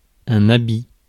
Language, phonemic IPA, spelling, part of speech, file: French, /a.bi/, habit, noun, Fr-habit.ogg
- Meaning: article of clothing, garment, dress-coat, evening dress, tails, full dress